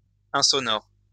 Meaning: 1. soundless, inaudible 2. soundproof
- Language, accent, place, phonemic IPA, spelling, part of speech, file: French, France, Lyon, /ɛ̃.sɔ.nɔʁ/, insonore, adjective, LL-Q150 (fra)-insonore.wav